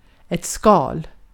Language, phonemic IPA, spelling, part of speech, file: Swedish, /skɑːl/, skal, noun, Sv-skal.ogg
- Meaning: 1. shell ((hard) external covering of an animal, egg, nut, various objects, etc. – used similarly to English) 2. peel, skin (outer layer or cover of a fruit or vegetable)